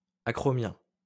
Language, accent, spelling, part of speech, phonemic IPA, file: French, France, acromien, adjective, /a.kʁɔ.mjɛ̃/, LL-Q150 (fra)-acromien.wav
- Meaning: acromial